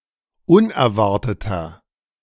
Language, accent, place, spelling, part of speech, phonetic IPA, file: German, Germany, Berlin, unerwarteter, adjective, [ˈʊnɛɐ̯ˌvaʁtətɐ], De-unerwarteter.ogg
- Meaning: 1. comparative degree of unerwartet 2. inflection of unerwartet: strong/mixed nominative masculine singular 3. inflection of unerwartet: strong genitive/dative feminine singular